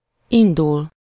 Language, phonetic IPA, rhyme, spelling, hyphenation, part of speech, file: Hungarian, [ˈindul], -ul, indul, in‧dul, verb, Hu-indul.ogg
- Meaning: 1. to set off, set out, head somewhere (begin a trip) 2. to start (in the passive sense) 3. to run (to be a candidate in an election)